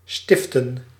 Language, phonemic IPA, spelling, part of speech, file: Dutch, /ˈstɪftə(n)/, stiften, verb / noun, Nl-stiften.ogg
- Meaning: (verb) 1. to draw or apply colour using a stift 2. to chip (in football); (noun) plural of stift